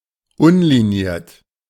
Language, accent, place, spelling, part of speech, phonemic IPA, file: German, Germany, Berlin, unliniert, adjective, /ˈʊnliˌniːɐ̯t/, De-unliniert.ogg
- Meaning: unlined